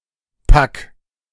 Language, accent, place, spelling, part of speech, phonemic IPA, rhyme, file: German, Germany, Berlin, Pack, noun, /pak/, -ak, De-Pack.ogg
- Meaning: 1. package, bundle, bunch, (unwieldy) bag 2. rabble, mob, vermin, rascals